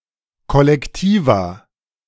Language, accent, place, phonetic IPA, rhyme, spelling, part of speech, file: German, Germany, Berlin, [ˌkɔlɛkˈtiːva], -iːva, Kollektiva, noun, De-Kollektiva.ogg
- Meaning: plural of Kollektivum